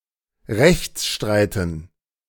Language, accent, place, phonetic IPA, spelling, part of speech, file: German, Germany, Berlin, [ˈʁɛçt͡sˌʃtʁaɪ̯tn̩], Rechtsstreiten, noun, De-Rechtsstreiten.ogg
- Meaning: dative plural of Rechtsstreit